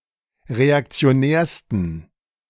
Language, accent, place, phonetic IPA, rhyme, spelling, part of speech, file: German, Germany, Berlin, [ʁeakt͡si̯oˈnɛːɐ̯stn̩], -ɛːɐ̯stn̩, reaktionärsten, adjective, De-reaktionärsten.ogg
- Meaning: 1. superlative degree of reaktionär 2. inflection of reaktionär: strong genitive masculine/neuter singular superlative degree